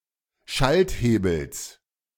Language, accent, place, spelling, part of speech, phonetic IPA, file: German, Germany, Berlin, Schalthebels, noun, [ˈʃaltˌheːbl̩s], De-Schalthebels.ogg
- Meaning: genitive singular of Schalthebel